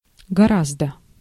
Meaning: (adverb) much, far, by far, a lot, considerably, quite; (adjective) neuter singular of гора́зд (gorázd)
- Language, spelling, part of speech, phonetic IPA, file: Russian, гораздо, adverb / adjective, [ɡɐˈrazdə], Ru-гораздо.ogg